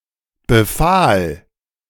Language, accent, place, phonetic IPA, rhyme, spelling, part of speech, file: German, Germany, Berlin, [bəˈfaːl], -aːl, befahl, verb, De-befahl.ogg
- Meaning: first/third-person singular preterite of befehlen